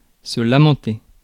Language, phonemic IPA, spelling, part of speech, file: French, /la.mɑ̃.te/, lamenter, verb, Fr-lamenter.ogg
- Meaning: to lament; to bewail; to bemoan